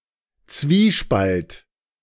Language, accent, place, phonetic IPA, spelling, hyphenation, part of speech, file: German, Germany, Berlin, [ˈtsviːˌʃpalt], Zwiespalt, Zwie‧spalt, noun, De-Zwiespalt.ogg
- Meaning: 1. conflict, dissension, discord, dilemma 2. at odds with itself 3. gulf